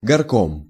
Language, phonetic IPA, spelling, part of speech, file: Russian, [ɡɐrˈkom], горком, noun, Ru-горком.ogg
- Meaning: city committee, municipality